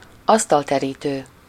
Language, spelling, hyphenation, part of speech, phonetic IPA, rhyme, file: Hungarian, asztalterítő, asz‧tal‧te‧rí‧tő, noun, [ˈɒstɒltɛriːtøː], -tøː, Hu-asztalterítő.ogg
- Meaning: tablecloth (a cloth used to cover and protect a table)